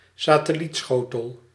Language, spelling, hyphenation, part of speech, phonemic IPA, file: Dutch, satellietschotel, sa‧tel‧liet‧scho‧tel, noun, /saː.təˈlitˌsxoː.təl/, Nl-satellietschotel.ogg
- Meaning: satellite dish